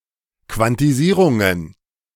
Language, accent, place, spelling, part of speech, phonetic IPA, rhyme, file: German, Germany, Berlin, Quantisierungen, noun, [ˌkvantiˈziːʁʊŋən], -iːʁʊŋən, De-Quantisierungen.ogg
- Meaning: plural of Quantisierung